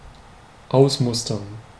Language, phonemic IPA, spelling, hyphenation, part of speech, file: German, /ˈʔaʊ̯smʊstɐn/, ausmustern, aus‧mus‧tern, verb, De-ausmustern.ogg
- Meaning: 1. to sort out, to make a specimen included in one group but not the other, to pick 2. to sort out, to make a specimen included in one group but not the other, to pick: to discharge as unfit